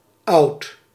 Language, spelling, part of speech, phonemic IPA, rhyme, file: Dutch, oud, adjective, /ɑu̯t/, -ɑu̯t, Nl-oud.ogg
- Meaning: 1. old (having existed for a relatively long period of time) 2. old (of an earlier time) 3. stale